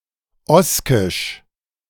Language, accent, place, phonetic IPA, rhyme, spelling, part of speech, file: German, Germany, Berlin, [ˈɔskɪʃ], -ɔskɪʃ, Oskisch, noun, De-Oskisch.ogg
- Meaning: Oscan (the Oscan language)